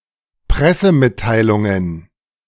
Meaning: plural of Pressemitteilung
- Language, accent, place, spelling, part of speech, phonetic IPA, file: German, Germany, Berlin, Pressemitteilungen, noun, [ˈpʁɛsəˌmɪttaɪ̯lʊŋən], De-Pressemitteilungen.ogg